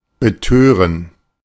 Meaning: to bewitch, infatuate, intoxicate, stupefy, to make someone unable to think straight
- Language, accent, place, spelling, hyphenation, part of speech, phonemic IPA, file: German, Germany, Berlin, betören, be‧tö‧ren, verb, /bəˈtøːrən/, De-betören.ogg